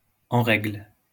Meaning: valid, in order (in compliance with the law or the rules)
- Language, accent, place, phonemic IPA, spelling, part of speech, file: French, France, Lyon, /ɑ̃ ʁɛɡl/, en règle, adjective, LL-Q150 (fra)-en règle.wav